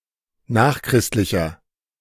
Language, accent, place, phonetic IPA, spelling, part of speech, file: German, Germany, Berlin, [ˈnaːxˌkʁɪstlɪçɐ], nachchristlicher, adjective, De-nachchristlicher.ogg
- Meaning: inflection of nachchristlich: 1. strong/mixed nominative masculine singular 2. strong genitive/dative feminine singular 3. strong genitive plural